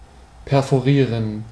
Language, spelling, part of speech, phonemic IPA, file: German, perforieren, verb, /pɛʁfoˈʁiːʁən/, De-perforieren.ogg
- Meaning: to perforate (to pierce or penetrate)